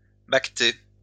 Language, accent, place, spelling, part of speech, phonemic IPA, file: French, France, Lyon, baqueter, verb, /bak.te/, LL-Q150 (fra)-baqueter.wav
- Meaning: 1. to bale (remove water in buckets etc) 2. to water (a garden, using buckets etc)